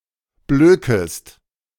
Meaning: second-person singular subjunctive I of blöken
- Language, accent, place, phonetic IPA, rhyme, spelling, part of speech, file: German, Germany, Berlin, [ˈbløːkəst], -øːkəst, blökest, verb, De-blökest.ogg